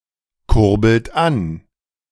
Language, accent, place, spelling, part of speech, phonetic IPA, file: German, Germany, Berlin, kurbelt an, verb, [ˌkʊʁbl̩t ˈan], De-kurbelt an.ogg
- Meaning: inflection of ankurbeln: 1. second-person plural present 2. third-person singular present 3. plural imperative